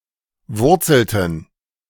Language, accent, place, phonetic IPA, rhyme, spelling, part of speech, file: German, Germany, Berlin, [ˈvʊʁt͡sl̩tn̩], -ʊʁt͡sl̩tn̩, wurzelten, verb, De-wurzelten.ogg
- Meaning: inflection of wurzeln: 1. first/third-person plural preterite 2. first/third-person plural subjunctive II